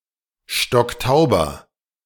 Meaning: inflection of stocktaub: 1. strong/mixed nominative masculine singular 2. strong genitive/dative feminine singular 3. strong genitive plural
- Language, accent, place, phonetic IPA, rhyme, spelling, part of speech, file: German, Germany, Berlin, [ˈʃtɔkˈtaʊ̯bɐ], -aʊ̯bɐ, stocktauber, adjective, De-stocktauber.ogg